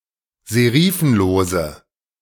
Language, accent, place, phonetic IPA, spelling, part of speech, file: German, Germany, Berlin, [zeˈʁiːfn̩loːzə], serifenlose, adjective, De-serifenlose.ogg
- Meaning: inflection of serifenlos: 1. strong/mixed nominative/accusative feminine singular 2. strong nominative/accusative plural 3. weak nominative all-gender singular